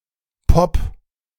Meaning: 1. singular imperative of poppen 2. first-person singular present of poppen
- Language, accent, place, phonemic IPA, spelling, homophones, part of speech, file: German, Germany, Berlin, /pɔp/, popp, Pop, verb, De-popp.ogg